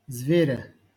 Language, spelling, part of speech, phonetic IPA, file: Russian, зверя, noun, [ˈzvʲerʲə], LL-Q7737 (rus)-зверя.wav
- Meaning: genitive/accusative singular of зверь (zverʹ)